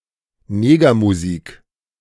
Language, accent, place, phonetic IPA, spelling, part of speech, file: German, Germany, Berlin, [ˈneːɡɐmuˌzi(ː)k], Negermusik, noun, De-Negermusik.ogg
- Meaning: 1. any form of African-American music in the blues tradition, originally jazz, swing or ragtime; race music 2. rock 'n' roll, beat, etc. (irrespective of the perfomers' race)